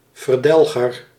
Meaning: exterminator
- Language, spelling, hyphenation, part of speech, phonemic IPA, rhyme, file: Dutch, verdelger, ver‧del‧ger, noun, /vərˈdɛl.ɣər/, -ɛlɣər, Nl-verdelger.ogg